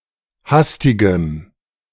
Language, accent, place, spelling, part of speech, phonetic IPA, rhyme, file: German, Germany, Berlin, hastigem, adjective, [ˈhastɪɡəm], -astɪɡəm, De-hastigem.ogg
- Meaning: strong dative masculine/neuter singular of hastig